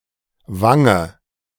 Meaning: cheek (on the face)
- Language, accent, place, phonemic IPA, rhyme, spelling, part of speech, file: German, Germany, Berlin, /ˈvaŋə/, -aŋə, Wange, noun, De-Wange.ogg